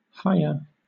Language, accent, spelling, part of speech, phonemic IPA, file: English, Southern England, hiya, interjection, /ˈhaɪ(j)ə/, LL-Q1860 (eng)-hiya.wav
- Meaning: An informal greeting, hi, hello